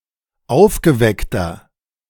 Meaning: 1. comparative degree of aufgeweckt 2. inflection of aufgeweckt: strong/mixed nominative masculine singular 3. inflection of aufgeweckt: strong genitive/dative feminine singular
- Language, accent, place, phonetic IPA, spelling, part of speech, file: German, Germany, Berlin, [ˈaʊ̯fɡəˌvɛktɐ], aufgeweckter, adjective, De-aufgeweckter.ogg